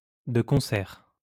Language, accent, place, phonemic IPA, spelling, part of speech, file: French, France, Lyon, /də kɔ̃.sɛʁ/, de concert, adverb, LL-Q150 (fra)-de concert.wav
- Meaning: hand in hand, together, in concert